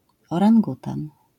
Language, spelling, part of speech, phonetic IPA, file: Polish, orangutan, noun, [ˌɔrãŋˈɡutãn], LL-Q809 (pol)-orangutan.wav